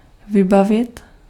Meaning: 1. to equip 2. to recall
- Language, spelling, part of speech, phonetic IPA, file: Czech, vybavit, verb, [ˈvɪbavɪt], Cs-vybavit.ogg